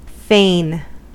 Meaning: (adjective) Often followed by of: 1. glad, well-pleased 2. glad, well-pleased.: Glad, contented, or satisfied to do something in the absence of a better alternative
- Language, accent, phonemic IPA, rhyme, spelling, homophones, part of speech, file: English, General American, /feɪn/, -eɪn, fain, fane / feign / foehn, adjective / adverb / verb, En-us-fain.ogg